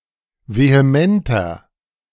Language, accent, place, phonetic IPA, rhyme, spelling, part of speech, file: German, Germany, Berlin, [veheˈmɛntɐ], -ɛntɐ, vehementer, adjective, De-vehementer.ogg
- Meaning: 1. comparative degree of vehement 2. inflection of vehement: strong/mixed nominative masculine singular 3. inflection of vehement: strong genitive/dative feminine singular